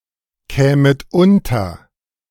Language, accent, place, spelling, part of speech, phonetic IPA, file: German, Germany, Berlin, kämet unter, verb, [ˌkɛːmət ˈʊntɐ], De-kämet unter.ogg
- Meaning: second-person plural subjunctive II of unterkommen